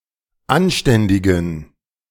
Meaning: inflection of anständig: 1. strong genitive masculine/neuter singular 2. weak/mixed genitive/dative all-gender singular 3. strong/weak/mixed accusative masculine singular 4. strong dative plural
- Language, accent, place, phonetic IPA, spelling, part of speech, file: German, Germany, Berlin, [ˈanˌʃtɛndɪɡn̩], anständigen, adjective, De-anständigen.ogg